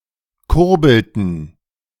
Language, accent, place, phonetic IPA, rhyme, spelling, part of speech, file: German, Germany, Berlin, [ˈkʊʁbl̩tn̩], -ʊʁbl̩tn̩, kurbelten, verb, De-kurbelten.ogg
- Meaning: inflection of kurbeln: 1. first/third-person plural preterite 2. first/third-person plural subjunctive II